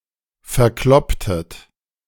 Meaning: inflection of verkloppen: 1. second-person plural preterite 2. second-person plural subjunctive II
- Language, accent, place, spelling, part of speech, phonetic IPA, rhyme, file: German, Germany, Berlin, verklopptet, verb, [fɛɐ̯ˈklɔptət], -ɔptət, De-verklopptet.ogg